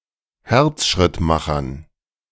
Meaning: dative plural of Herzschrittmacher
- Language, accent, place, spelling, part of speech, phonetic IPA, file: German, Germany, Berlin, Herzschrittmachern, noun, [ˈhɛʁt͡sʃʁɪtmaxɐn], De-Herzschrittmachern.ogg